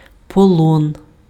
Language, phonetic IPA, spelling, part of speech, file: Ukrainian, [pɔˈɫɔn], полон, noun, Uk-полон.ogg
- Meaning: captivity, custody